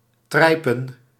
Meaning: consisting of Utrecht velvet
- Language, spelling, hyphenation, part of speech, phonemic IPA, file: Dutch, trijpen, trij‧pen, adjective, /ˈtrɛi̯.pə(n)/, Nl-trijpen.ogg